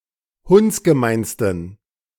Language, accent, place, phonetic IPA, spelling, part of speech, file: German, Germany, Berlin, [ˈhʊnt͡sɡəˌmaɪ̯nstn̩], hundsgemeinsten, adjective, De-hundsgemeinsten.ogg
- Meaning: 1. superlative degree of hundsgemein 2. inflection of hundsgemein: strong genitive masculine/neuter singular superlative degree